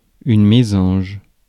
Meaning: tit, chickadee, titmouse (any of a large number of small tree-dwelling passerine birds)
- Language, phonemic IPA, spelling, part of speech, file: French, /me.zɑ̃ʒ/, mésange, noun, Fr-mésange.ogg